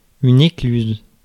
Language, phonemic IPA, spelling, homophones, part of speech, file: French, /e.klyz/, écluse, éclusent / écluses, noun / verb, Fr-écluse.ogg
- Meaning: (noun) sluice, lock (of canal); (verb) inflection of écluser: 1. first/third-person singular present indicative/subjunctive 2. second-person singular imperative